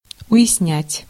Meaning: to understand, to grasp
- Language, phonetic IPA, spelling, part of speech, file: Russian, [ʊ(j)ɪsˈnʲætʲ], уяснять, verb, Ru-уяснять.ogg